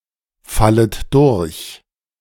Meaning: second-person plural subjunctive I of durchfallen
- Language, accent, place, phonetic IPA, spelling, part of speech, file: German, Germany, Berlin, [ˌfalət ˈdʊʁç], fallet durch, verb, De-fallet durch.ogg